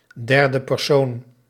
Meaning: third person
- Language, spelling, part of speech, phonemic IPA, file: Dutch, derde persoon, noun, /ˌdɛr.də pɛrˈsoːn/, Nl-derde persoon.ogg